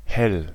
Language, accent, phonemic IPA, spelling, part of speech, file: German, Germany, /hɛl/, hell, adjective, De-hell.ogg
- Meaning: 1. clear, bright, light 2. quick, clever 3. great